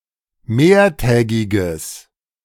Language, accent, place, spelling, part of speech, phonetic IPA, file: German, Germany, Berlin, mehrtägiges, adjective, [ˈmeːɐ̯ˌtɛːɡɪɡəs], De-mehrtägiges.ogg
- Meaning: strong/mixed nominative/accusative neuter singular of mehrtägig